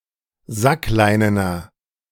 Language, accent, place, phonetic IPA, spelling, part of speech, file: German, Germany, Berlin, [ˈzakˌlaɪ̯nənɐ], sackleinener, adjective, De-sackleinener.ogg
- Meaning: inflection of sackleinen: 1. strong/mixed nominative masculine singular 2. strong genitive/dative feminine singular 3. strong genitive plural